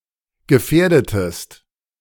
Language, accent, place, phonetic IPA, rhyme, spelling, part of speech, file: German, Germany, Berlin, [ɡəˈfɛːɐ̯dətəst], -ɛːɐ̯dətəst, gefährdetest, verb, De-gefährdetest.ogg
- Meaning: inflection of gefährden: 1. second-person singular preterite 2. second-person singular subjunctive II